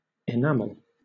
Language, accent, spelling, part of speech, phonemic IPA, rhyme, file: English, Southern England, enamel, noun / verb, /ɪˈnæməl/, -æməl, LL-Q1860 (eng)-enamel.wav
- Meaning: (noun) 1. An opaque, glassy coating baked onto metal or ceramic objects 2. A coating that dries to a hard, glossy finish 3. The hard covering on the exposed part of a tooth